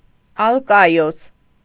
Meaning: Alcaeus
- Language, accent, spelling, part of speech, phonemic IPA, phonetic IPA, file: Armenian, Eastern Armenian, Ալկայոս, proper noun, /ɑlkɑˈjos/, [ɑlkɑjós], Hy-Ալկայոս.ogg